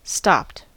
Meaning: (verb) simple past and past participle of stop; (adjective) Not moving, but not properly parked or berthed; said also of the occupants of such a vehicle
- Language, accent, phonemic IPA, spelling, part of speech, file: English, US, /stɑpt/, stopped, verb / adjective, En-us-stopped.ogg